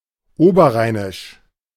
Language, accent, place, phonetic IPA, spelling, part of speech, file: German, Germany, Berlin, [ˈoːbɐˌʁaɪ̯nɪʃ], oberrheinisch, adjective, De-oberrheinisch.ogg
- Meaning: of the Upper Rhine (Oberrhein)